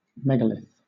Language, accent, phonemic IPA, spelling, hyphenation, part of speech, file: English, Southern England, /ˈmɛɡəlɪθ/, megalith, meg‧a‧lith, noun, LL-Q1860 (eng)-megalith.wav
- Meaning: 1. A large stone slab making up a prehistoric monument, or part of such a monument 2. A prehistoric monument made up of one or more large stones